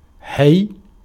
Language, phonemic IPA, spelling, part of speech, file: Arabic, /ħajj/, حي, adjective / noun, Ar-حي.ogg
- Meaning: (adjective) 1. alive 2. lively, animated, energetic, active; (noun) 1. organism, living being 2. tribe 3. neighbourhood, district (of a city), quarter (of a city) 4. block of apartments